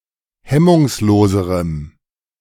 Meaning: strong dative masculine/neuter singular comparative degree of hemmungslos
- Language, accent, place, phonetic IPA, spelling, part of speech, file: German, Germany, Berlin, [ˈhɛmʊŋsˌloːzəʁəm], hemmungsloserem, adjective, De-hemmungsloserem.ogg